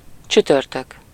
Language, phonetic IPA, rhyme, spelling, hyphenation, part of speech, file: Hungarian, [ˈt͡ʃytørtøk], -øk, csütörtök, csü‧tör‧tök, noun, Hu-csütörtök.ogg
- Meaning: Thursday